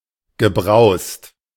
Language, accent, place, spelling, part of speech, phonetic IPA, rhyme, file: German, Germany, Berlin, gebraust, verb, [ɡəˈbʁaʊ̯st], -aʊ̯st, De-gebraust.ogg
- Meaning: past participle of brausen